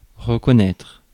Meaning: 1. to recognise (something or someone that one has encountered before) 2. to acknowledge, to admit (something is true) 3. to acknowledge (a child)
- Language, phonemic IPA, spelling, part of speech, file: French, /ʁə.kɔ.nɛtʁ/, reconnaître, verb, Fr-reconnaître.ogg